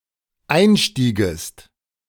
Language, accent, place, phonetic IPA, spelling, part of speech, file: German, Germany, Berlin, [ˈaɪ̯nˌʃtiːɡəst], einstiegest, verb, De-einstiegest.ogg
- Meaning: second-person singular dependent subjunctive II of einsteigen